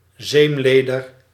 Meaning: dated form of zeemleer
- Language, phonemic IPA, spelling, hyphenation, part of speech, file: Dutch, /ˈzeːmˌleː.dər/, zeemleder, zeem‧le‧der, noun, Nl-zeemleder.ogg